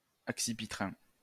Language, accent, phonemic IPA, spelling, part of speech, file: French, France, /ak.si.pi.tʁɛ̃/, accipitrin, adjective, LL-Q150 (fra)-accipitrin.wav
- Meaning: accipitrine